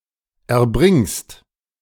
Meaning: second-person singular present of erbringen
- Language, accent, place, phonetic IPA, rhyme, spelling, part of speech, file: German, Germany, Berlin, [ɛɐ̯ˈbʁɪŋst], -ɪŋst, erbringst, verb, De-erbringst.ogg